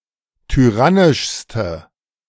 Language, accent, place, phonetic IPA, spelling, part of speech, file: German, Germany, Berlin, [tyˈʁanɪʃstə], tyrannischste, adjective, De-tyrannischste.ogg
- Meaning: inflection of tyrannisch: 1. strong/mixed nominative/accusative feminine singular superlative degree 2. strong nominative/accusative plural superlative degree